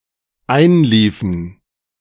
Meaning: inflection of einlaufen: 1. first/third-person plural dependent preterite 2. first/third-person plural dependent subjunctive II
- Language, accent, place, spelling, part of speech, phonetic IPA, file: German, Germany, Berlin, einliefen, verb, [ˈaɪ̯nˌliːfn̩], De-einliefen.ogg